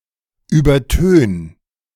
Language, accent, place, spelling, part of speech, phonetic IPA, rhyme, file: German, Germany, Berlin, übertön, verb, [ˌyːbɐˈtøːn], -øːn, De-übertön.ogg
- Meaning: 1. singular imperative of übertönen 2. first-person singular present of übertönen